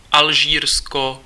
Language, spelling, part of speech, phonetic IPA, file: Czech, Alžírsko, proper noun, [ˈalʒiːrsko], Cs-Alžírsko.ogg
- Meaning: Algeria (a country in North Africa)